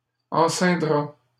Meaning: third-person singular simple future of enceindre
- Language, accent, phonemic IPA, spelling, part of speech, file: French, Canada, /ɑ̃.sɛ̃.dʁa/, enceindra, verb, LL-Q150 (fra)-enceindra.wav